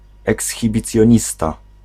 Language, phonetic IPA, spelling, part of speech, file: Polish, [ˌɛksxʲibʲit͡sʲjɔ̇̃ˈɲista], ekshibicjonista, noun, Pl-ekshibicjonista.ogg